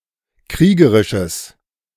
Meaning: strong/mixed nominative/accusative neuter singular of kriegerisch
- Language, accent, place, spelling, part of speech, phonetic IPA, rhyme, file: German, Germany, Berlin, kriegerisches, adjective, [ˈkʁiːɡəʁɪʃəs], -iːɡəʁɪʃəs, De-kriegerisches.ogg